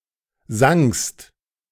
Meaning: second-person singular preterite of singen
- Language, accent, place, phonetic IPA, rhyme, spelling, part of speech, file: German, Germany, Berlin, [zaŋst], -aŋst, sangst, verb, De-sangst.ogg